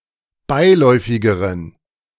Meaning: inflection of beiläufig: 1. strong genitive masculine/neuter singular comparative degree 2. weak/mixed genitive/dative all-gender singular comparative degree
- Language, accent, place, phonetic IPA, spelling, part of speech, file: German, Germany, Berlin, [ˈbaɪ̯ˌlɔɪ̯fɪɡəʁən], beiläufigeren, adjective, De-beiläufigeren.ogg